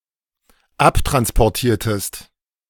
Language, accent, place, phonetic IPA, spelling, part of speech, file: German, Germany, Berlin, [ˈaptʁanspɔʁˌtiːɐ̯təst], abtransportiertest, verb, De-abtransportiertest.ogg
- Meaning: inflection of abtransportieren: 1. second-person singular dependent preterite 2. second-person singular dependent subjunctive II